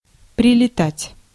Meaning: 1. to land; to touch down 2. to descend to soil (flying) 3. to arrive swiftly, to abruptly (sometimes unexpectedly)
- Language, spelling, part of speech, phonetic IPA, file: Russian, прилетать, verb, [prʲɪlʲɪˈtatʲ], Ru-прилетать.ogg